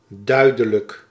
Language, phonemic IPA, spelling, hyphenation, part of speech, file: Dutch, /ˈdœy̯.də.lək/, duidelijk, dui‧de‧lijk, adjective / adverb, Nl-duidelijk.ogg
- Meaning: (adjective) 1. clear, precise 2. obvious, clear; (adverb) clearly